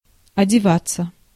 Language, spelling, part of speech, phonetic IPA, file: Russian, одеваться, verb, [ɐdʲɪˈvat͡sːə], Ru-одеваться.ogg
- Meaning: 1. to dress (oneself) 2. passive of одева́ть (odevátʹ)